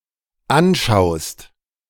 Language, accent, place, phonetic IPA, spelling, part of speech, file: German, Germany, Berlin, [ˈanˌʃaʊ̯st], anschaust, verb, De-anschaust.ogg
- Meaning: second-person singular dependent present of anschauen